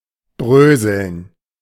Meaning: 1. to crumble (of food) 2. to crumble, fall apart, to disintegrate 3. to crumble, to render into crumbs
- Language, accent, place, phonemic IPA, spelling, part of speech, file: German, Germany, Berlin, /ˈbʁøːzəln/, bröseln, verb, De-bröseln.ogg